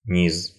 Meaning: bottom, lower part
- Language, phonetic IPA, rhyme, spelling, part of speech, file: Russian, [nʲis], -is, низ, noun, Ru-низ.ogg